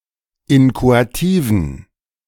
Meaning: inflection of inchoativ: 1. strong genitive masculine/neuter singular 2. weak/mixed genitive/dative all-gender singular 3. strong/weak/mixed accusative masculine singular 4. strong dative plural
- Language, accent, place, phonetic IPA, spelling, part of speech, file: German, Germany, Berlin, [ˈɪnkoatiːvn̩], inchoativen, adjective, De-inchoativen.ogg